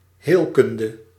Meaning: surgery (discipline)
- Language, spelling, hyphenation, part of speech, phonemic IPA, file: Dutch, heelkunde, heel‧kun‧de, noun, /ˈɦeːlˌkʏn.də/, Nl-heelkunde.ogg